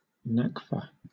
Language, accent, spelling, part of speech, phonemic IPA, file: English, Southern England, nakfa, noun, /ˈnɑkfə/, LL-Q1860 (eng)-nakfa.wav
- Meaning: The currency of Eritrea, divided into 100 cents